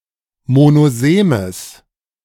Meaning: strong/mixed nominative/accusative neuter singular of monosem
- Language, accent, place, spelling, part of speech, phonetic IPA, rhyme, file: German, Germany, Berlin, monosemes, adjective, [monoˈzeːməs], -eːməs, De-monosemes.ogg